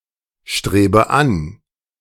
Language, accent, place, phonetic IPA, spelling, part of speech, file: German, Germany, Berlin, [ˌʃtʁeːbə ˈan], strebe an, verb, De-strebe an.ogg
- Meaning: inflection of anstreben: 1. first-person singular present 2. first/third-person singular subjunctive I 3. singular imperative